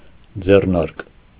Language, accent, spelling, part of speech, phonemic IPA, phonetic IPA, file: Armenian, Eastern Armenian, ձեռնարկ, noun, /d͡zerˈnɑɾk/, [d͡zernɑ́ɾk], Hy-ձեռնարկ.ogg
- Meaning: 1. manual, handbook, guide 2. enterprise